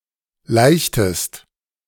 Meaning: inflection of laichen: 1. second-person singular preterite 2. second-person singular subjunctive II
- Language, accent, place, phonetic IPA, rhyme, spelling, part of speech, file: German, Germany, Berlin, [ˈlaɪ̯çtəst], -aɪ̯çtəst, laichtest, verb, De-laichtest.ogg